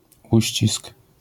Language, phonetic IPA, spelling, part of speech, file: Polish, [ˈuɕt͡ɕisk], uścisk, noun, LL-Q809 (pol)-uścisk.wav